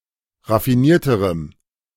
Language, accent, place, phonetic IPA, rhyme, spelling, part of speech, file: German, Germany, Berlin, [ʁafiˈniːɐ̯təʁəm], -iːɐ̯təʁəm, raffinierterem, adjective, De-raffinierterem.ogg
- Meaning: strong dative masculine/neuter singular comparative degree of raffiniert